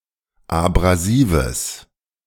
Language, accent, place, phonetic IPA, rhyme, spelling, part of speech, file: German, Germany, Berlin, [abʁaˈziːvəs], -iːvəs, abrasives, adjective, De-abrasives.ogg
- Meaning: strong/mixed nominative/accusative neuter singular of abrasiv